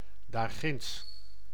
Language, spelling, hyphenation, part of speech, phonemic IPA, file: Dutch, daarginds, daar‧ginds, adverb, /daːrˈɣɪnts/, Nl-daarginds.ogg
- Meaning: over there, yonder